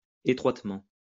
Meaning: narrowly
- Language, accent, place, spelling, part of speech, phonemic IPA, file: French, France, Lyon, étroitement, adverb, /e.tʁwat.mɑ̃/, LL-Q150 (fra)-étroitement.wav